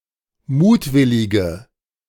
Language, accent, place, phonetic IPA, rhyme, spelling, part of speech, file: German, Germany, Berlin, [ˈmuːtˌvɪlɪɡə], -uːtvɪlɪɡə, mutwillige, adjective, De-mutwillige.ogg
- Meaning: inflection of mutwillig: 1. strong/mixed nominative/accusative feminine singular 2. strong nominative/accusative plural 3. weak nominative all-gender singular